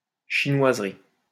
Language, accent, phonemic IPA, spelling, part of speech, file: French, France, /ʃi.nwaz.ʁi/, chinoiserie, noun, LL-Q150 (fra)-chinoiserie.wav
- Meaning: 1. chinoiserie 2. knick-knack 3. complications